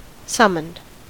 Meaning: simple past and past participle of summon
- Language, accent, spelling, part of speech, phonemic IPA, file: English, US, summoned, verb, /ˈsʌmənd/, En-us-summoned.ogg